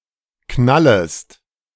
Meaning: second-person singular subjunctive I of knallen
- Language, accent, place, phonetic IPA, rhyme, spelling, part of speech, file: German, Germany, Berlin, [ˈknaləst], -aləst, knallest, verb, De-knallest.ogg